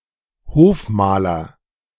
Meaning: court painter
- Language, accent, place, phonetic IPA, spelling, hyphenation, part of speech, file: German, Germany, Berlin, [ˈhoːfˌmaːlɐ], Hofmaler, Hof‧ma‧ler, noun, De-Hofmaler.ogg